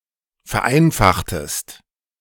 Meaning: inflection of vereinfachen: 1. second-person singular preterite 2. second-person singular subjunctive II
- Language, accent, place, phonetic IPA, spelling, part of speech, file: German, Germany, Berlin, [fɛɐ̯ˈʔaɪ̯nfaxtəst], vereinfachtest, verb, De-vereinfachtest.ogg